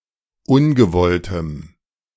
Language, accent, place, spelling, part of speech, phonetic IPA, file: German, Germany, Berlin, ungewolltem, adjective, [ˈʊnɡəˌvɔltəm], De-ungewolltem.ogg
- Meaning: strong dative masculine/neuter singular of ungewollt